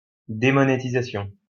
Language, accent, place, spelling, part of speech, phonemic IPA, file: French, France, Lyon, démonétisation, noun, /de.mɔ.ne.ti.za.sjɔ̃/, LL-Q150 (fra)-démonétisation.wav
- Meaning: demonetization